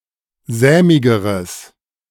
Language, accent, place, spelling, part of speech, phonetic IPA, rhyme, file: German, Germany, Berlin, sämigeres, adjective, [ˈzɛːmɪɡəʁəs], -ɛːmɪɡəʁəs, De-sämigeres.ogg
- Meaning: strong/mixed nominative/accusative neuter singular comparative degree of sämig